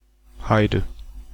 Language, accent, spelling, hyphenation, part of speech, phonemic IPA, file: German, Germany, Heide, Hei‧de, noun / proper noun, /ˈhaɪ̯də/, De-Heide.ogg
- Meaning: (noun) 1. heath, heathland 2. woodland, forest, usually coniferous forest (esp. pine) on barren, sandy soil; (proper noun) a topographic surname; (noun) heathen, pagan, Gentile / gentile